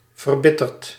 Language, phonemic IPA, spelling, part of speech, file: Dutch, /vərˈbɪtɛrt/, verbitterd, adjective / verb, Nl-verbitterd.ogg
- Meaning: past participle of verbitteren